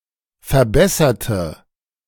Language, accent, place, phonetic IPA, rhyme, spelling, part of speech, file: German, Germany, Berlin, [fɛɐ̯ˈbɛsɐtə], -ɛsɐtə, verbesserte, adjective / verb, De-verbesserte.ogg
- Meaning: inflection of verbessern: 1. first/third-person singular preterite 2. first/third-person singular subjunctive II